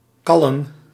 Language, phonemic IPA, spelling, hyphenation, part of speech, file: Dutch, /ˈkɑ.lə(n)/, kallen, kal‧len, verb, Nl-kallen.ogg
- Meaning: to chat, talk